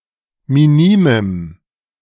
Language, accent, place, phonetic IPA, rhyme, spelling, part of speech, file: German, Germany, Berlin, [miˈniːməm], -iːməm, minimem, adjective, De-minimem.ogg
- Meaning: strong dative masculine/neuter singular of minim